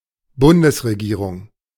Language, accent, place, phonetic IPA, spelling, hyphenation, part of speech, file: German, Germany, Berlin, [ˈbʊndəsʀeˌɡiːʀʊŋ], Bundesregierung, Bun‧des‧re‧gie‧rung, noun, De-Bundesregierung.ogg
- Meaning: federal government